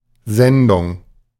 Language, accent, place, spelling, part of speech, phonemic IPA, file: German, Germany, Berlin, Sendung, noun, /ˈzɛndʊŋ/, De-Sendung.ogg
- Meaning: 1. delivery (by a postal service) 2. programme (performance of a show or other broadcast on radio or television) 3. transmission, broadcasting (broadcast of a radio or television programme)